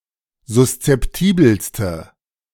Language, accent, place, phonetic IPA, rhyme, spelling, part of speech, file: German, Germany, Berlin, [zʊst͡sɛpˈtiːbl̩stə], -iːbl̩stə, suszeptibelste, adjective, De-suszeptibelste.ogg
- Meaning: inflection of suszeptibel: 1. strong/mixed nominative/accusative feminine singular superlative degree 2. strong nominative/accusative plural superlative degree